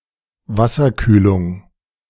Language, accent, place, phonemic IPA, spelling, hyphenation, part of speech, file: German, Germany, Berlin, /ˈvasɐˌkyːlʊŋ/, Wasserkühlung, Was‧ser‧küh‧lung, noun, De-Wasserkühlung.ogg
- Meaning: water cooling